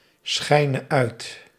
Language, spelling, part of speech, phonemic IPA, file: Dutch, schijne uit, verb, /ˈsxɛinə ˈœyt/, Nl-schijne uit.ogg
- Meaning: singular present subjunctive of uitschijnen